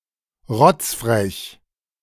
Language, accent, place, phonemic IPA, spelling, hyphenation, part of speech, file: German, Germany, Berlin, /ˈʁɔt͡sfʁɛç/, rotzfrech, rotz‧frech, adjective, De-rotzfrech.ogg
- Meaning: cocky, cheeky